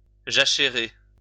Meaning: to plough fallow land
- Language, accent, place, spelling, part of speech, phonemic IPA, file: French, France, Lyon, jachérer, verb, /ʒa.ʃe.ʁe/, LL-Q150 (fra)-jachérer.wav